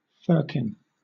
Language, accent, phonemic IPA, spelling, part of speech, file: English, Southern England, /ˈfɜːkɪn/, firkin, noun, LL-Q1860 (eng)-firkin.wav
- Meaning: A varying measure of capacity, usually being a quarter of a barrel; specifically, a measure equal to nine imperial gallons